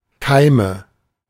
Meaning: nominative/accusative/genitive plural of Keim
- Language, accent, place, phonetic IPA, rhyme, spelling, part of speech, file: German, Germany, Berlin, [ˈkaɪ̯mə], -aɪ̯mə, Keime, noun, De-Keime.ogg